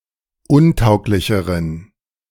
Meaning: inflection of untauglich: 1. strong genitive masculine/neuter singular comparative degree 2. weak/mixed genitive/dative all-gender singular comparative degree
- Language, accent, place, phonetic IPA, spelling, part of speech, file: German, Germany, Berlin, [ˈʊnˌtaʊ̯klɪçəʁən], untauglicheren, adjective, De-untauglicheren.ogg